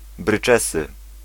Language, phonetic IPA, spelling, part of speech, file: Polish, [brɨˈt͡ʃɛsɨ], bryczesy, noun, Pl-bryczesy.ogg